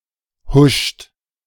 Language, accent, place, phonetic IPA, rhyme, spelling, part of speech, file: German, Germany, Berlin, [hʊʃt], -ʊʃt, huscht, verb, De-huscht.ogg
- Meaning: inflection of huschen: 1. second-person plural present 2. third-person singular present 3. plural imperative